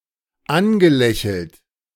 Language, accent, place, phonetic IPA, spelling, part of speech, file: German, Germany, Berlin, [ˈanɡəˌlɛçl̩t], angelächelt, verb, De-angelächelt.ogg
- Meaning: past participle of anlächeln